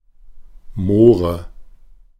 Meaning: 1. nominative/accusative/genitive plural of Moor 2. dative singular of Moor
- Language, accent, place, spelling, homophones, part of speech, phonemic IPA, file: German, Germany, Berlin, Moore, More, noun, /ˈmoːʁə/, De-Moore.ogg